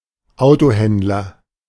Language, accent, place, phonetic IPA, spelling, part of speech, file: German, Germany, Berlin, [ˈaʊ̯toˌhɛndlɐ], Autohändler, noun, De-Autohändler.ogg
- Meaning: car trader, car dealer